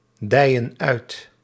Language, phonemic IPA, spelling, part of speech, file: Dutch, /ˈdɛijə(n) ˈœyt/, dijen uit, verb, Nl-dijen uit.ogg
- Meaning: inflection of uitdijen: 1. plural present indicative 2. plural present subjunctive